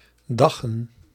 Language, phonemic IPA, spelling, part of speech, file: Dutch, /ˈdɑɣə(n)/, daggen, verb / noun, Nl-daggen.ogg
- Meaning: 1. plural of dag (etymology 2) 2. plural of dagge